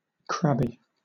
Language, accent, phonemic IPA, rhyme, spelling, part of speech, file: English, Southern England, /ˈkɹæb.i/, -æbi, crabby, adjective, LL-Q1860 (eng)-crabby.wav
- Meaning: 1. Relating to or resembling crabs; crablike 2. Abounding with crabs 3. Visibly irritated or annoyed; grouchy, irritable, in a foul mood; given to complaining or finding fault in an annoyed way